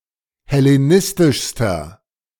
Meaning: inflection of hellenistisch: 1. strong/mixed nominative masculine singular superlative degree 2. strong genitive/dative feminine singular superlative degree
- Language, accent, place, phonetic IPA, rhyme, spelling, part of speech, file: German, Germany, Berlin, [hɛleˈnɪstɪʃstɐ], -ɪstɪʃstɐ, hellenistischster, adjective, De-hellenistischster.ogg